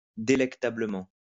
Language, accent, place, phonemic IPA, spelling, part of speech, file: French, France, Lyon, /de.lɛk.ta.blə.mɑ̃/, délectablement, adverb, LL-Q150 (fra)-délectablement.wav
- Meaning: delectably